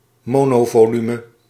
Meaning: MPV, people carrier
- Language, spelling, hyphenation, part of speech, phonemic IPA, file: Dutch, monovolume, mo‧no‧vo‧lu‧me, noun, /ˈmoː.noː.voːˌly.mə/, Nl-monovolume.ogg